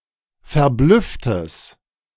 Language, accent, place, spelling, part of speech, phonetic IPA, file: German, Germany, Berlin, verblüfftes, adjective, [fɛɐ̯ˈblʏftəs], De-verblüfftes.ogg
- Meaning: strong/mixed nominative/accusative neuter singular of verblüfft